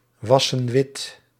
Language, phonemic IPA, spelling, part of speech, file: Dutch, /ˈwɑsə(n) ˈwɪt/, wassen wit, verb, Nl-wassen wit.ogg
- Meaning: inflection of witwassen: 1. plural present indicative 2. plural present subjunctive